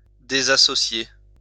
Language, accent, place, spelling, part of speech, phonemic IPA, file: French, France, Lyon, désassocier, verb, /de.za.sɔ.sje/, LL-Q150 (fra)-désassocier.wav
- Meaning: to disassociate